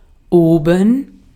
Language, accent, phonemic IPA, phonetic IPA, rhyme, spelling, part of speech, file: German, Austria, /ˈʔoːbən/, [ˈoːbm̩], -oːbən, oben, adverb, De-at-oben.ogg
- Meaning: 1. above 2. north 3. upstairs 4. at an earlier point in a text